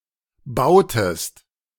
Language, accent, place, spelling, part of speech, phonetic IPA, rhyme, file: German, Germany, Berlin, bautest, verb, [ˈbaʊ̯təst], -aʊ̯təst, De-bautest.ogg
- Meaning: inflection of bauen: 1. second-person singular preterite 2. second-person singular subjunctive II